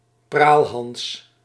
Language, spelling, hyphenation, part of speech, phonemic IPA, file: Dutch, praalhans, praal‧hans, noun, /ˈpraːl.ɦɑns/, Nl-praalhans.ogg
- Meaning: boaster, braggart